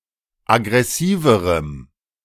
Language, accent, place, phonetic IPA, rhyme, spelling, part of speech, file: German, Germany, Berlin, [aɡʁɛˈsiːvəʁəm], -iːvəʁəm, aggressiverem, adjective, De-aggressiverem.ogg
- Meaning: strong dative masculine/neuter singular comparative degree of aggressiv